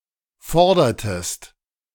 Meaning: inflection of fordern: 1. second-person singular preterite 2. second-person singular subjunctive II
- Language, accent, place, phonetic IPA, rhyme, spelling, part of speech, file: German, Germany, Berlin, [ˈfɔʁdɐtəst], -ɔʁdɐtəst, fordertest, verb, De-fordertest.ogg